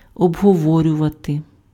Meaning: to discuss, to debate, to talk over
- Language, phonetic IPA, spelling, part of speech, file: Ukrainian, [ɔbɦɔˈwɔrʲʊʋɐte], обговорювати, verb, Uk-обговорювати.ogg